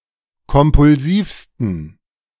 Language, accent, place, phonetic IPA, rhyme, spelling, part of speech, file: German, Germany, Berlin, [kɔmpʊlˈziːfstn̩], -iːfstn̩, kompulsivsten, adjective, De-kompulsivsten.ogg
- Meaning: 1. superlative degree of kompulsiv 2. inflection of kompulsiv: strong genitive masculine/neuter singular superlative degree